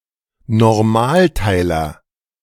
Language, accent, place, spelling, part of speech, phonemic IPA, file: German, Germany, Berlin, Normalteiler, noun, /nɔʁˈmaːlˌtai̯lɐ/, De-Normalteiler.ogg
- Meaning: normal subgroup (subgroup that is invariant under conjugation)